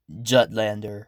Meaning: A native or inhabitant of Jutland
- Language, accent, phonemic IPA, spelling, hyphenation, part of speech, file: English, US, /ˈd͡ʒʌtlændəɹ/, Jutlander, Jut‧land‧er, noun, En-us-Jutlander.ogg